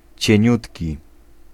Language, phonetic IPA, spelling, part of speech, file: Polish, [t͡ɕɛ̇̃ˈɲutʲci], cieniutki, adjective, Pl-cieniutki.ogg